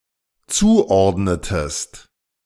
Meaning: inflection of zuordnen: 1. second-person singular dependent preterite 2. second-person singular dependent subjunctive II
- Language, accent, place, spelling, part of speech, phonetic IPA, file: German, Germany, Berlin, zuordnetest, verb, [ˈt͡suːˌʔɔʁdnətəst], De-zuordnetest.ogg